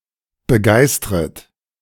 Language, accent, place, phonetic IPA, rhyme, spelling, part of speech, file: German, Germany, Berlin, [bəˈɡaɪ̯stʁət], -aɪ̯stʁət, begeistret, verb, De-begeistret.ogg
- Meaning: second-person plural subjunctive I of begeistern